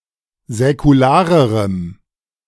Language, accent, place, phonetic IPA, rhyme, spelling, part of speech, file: German, Germany, Berlin, [zɛkuˈlaːʁəʁəm], -aːʁəʁəm, säkularerem, adjective, De-säkularerem.ogg
- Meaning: strong dative masculine/neuter singular comparative degree of säkular